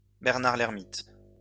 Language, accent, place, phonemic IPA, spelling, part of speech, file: French, France, Lyon, /bɛʁ.naʁ.l‿ɛʁ.mit/, bernard-l'ermite, noun, LL-Q150 (fra)-bernard-l'ermite.wav
- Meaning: hermit crab